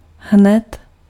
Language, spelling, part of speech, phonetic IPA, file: Czech, hned, adverb, [ˈɦnɛt], Cs-hned.ogg
- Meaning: 1. immediately, right away 2. right, exactly